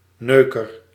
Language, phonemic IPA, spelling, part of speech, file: Dutch, /ˈnøː.kər/, neuker, noun, Nl-neuker.ogg
- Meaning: fucker, someone who fucks